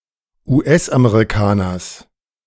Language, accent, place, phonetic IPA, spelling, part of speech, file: German, Germany, Berlin, [uːˈʔɛsʔameʁiˌkaːnɐs], US-Amerikaners, noun, De-US-Amerikaners.ogg
- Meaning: genitive singular of US-Amerikaner